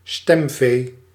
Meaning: 1. voters considered to be easily manipulable 2. parliamentarians perceived as anonymous, merely serving to boost the party ranks in votes
- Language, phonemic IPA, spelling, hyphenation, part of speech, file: Dutch, /ˈstɛm.veː/, stemvee, stem‧vee, noun, Nl-stemvee.ogg